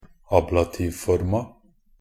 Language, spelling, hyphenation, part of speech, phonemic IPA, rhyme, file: Norwegian Bokmål, ablativforma, ab‧la‧tiv‧for‧ma, noun, /ˈɑːblatiːʋfɔrma/, -ɔrma, Nb-ablativforma.ogg
- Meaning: definite feminine singular of ablativform